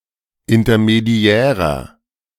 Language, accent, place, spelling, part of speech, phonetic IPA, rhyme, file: German, Germany, Berlin, intermediärer, adjective, [ɪntɐmeˈdi̯ɛːʁɐ], -ɛːʁɐ, De-intermediärer.ogg
- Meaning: inflection of intermediär: 1. strong/mixed nominative masculine singular 2. strong genitive/dative feminine singular 3. strong genitive plural